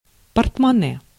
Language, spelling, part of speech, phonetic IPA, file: Russian, портмоне, noun, [pərtmɐˈnɛ], Ru-портмоне.ogg
- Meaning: wallet, purse, porte-monnaie